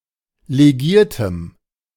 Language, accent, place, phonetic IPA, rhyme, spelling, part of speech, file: German, Germany, Berlin, [leˈɡiːɐ̯təm], -iːɐ̯təm, legiertem, adjective, De-legiertem.ogg
- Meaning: strong dative masculine/neuter singular of legiert